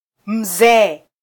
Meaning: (noun) 1. elder, respected old person 2. title of respect to anyone older than oneself, including parents
- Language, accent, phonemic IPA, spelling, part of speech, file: Swahili, Kenya, /m̩ˈzɛː/, mzee, noun / adjective, Sw-ke-mzee.flac